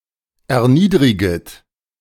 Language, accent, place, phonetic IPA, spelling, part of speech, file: German, Germany, Berlin, [ɛɐ̯ˈniːdʁɪɡət], erniedriget, verb, De-erniedriget.ogg
- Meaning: second-person plural subjunctive I of erniedrigen